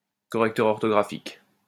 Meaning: spell checker
- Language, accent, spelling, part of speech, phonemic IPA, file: French, France, correcteur orthographique, noun, /kɔ.ʁɛk.tœʁ ɔʁ.tɔ.ɡʁa.fik/, LL-Q150 (fra)-correcteur orthographique.wav